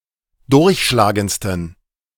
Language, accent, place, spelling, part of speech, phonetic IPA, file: German, Germany, Berlin, durchschlagendsten, adjective, [ˈdʊʁçʃlaːɡənt͡stn̩], De-durchschlagendsten.ogg
- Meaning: 1. superlative degree of durchschlagend 2. inflection of durchschlagend: strong genitive masculine/neuter singular superlative degree